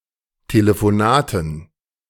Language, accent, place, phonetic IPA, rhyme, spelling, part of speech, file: German, Germany, Berlin, [teləfoˈnaːtn̩], -aːtn̩, Telefonaten, noun, De-Telefonaten.ogg
- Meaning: dative plural of Telefonat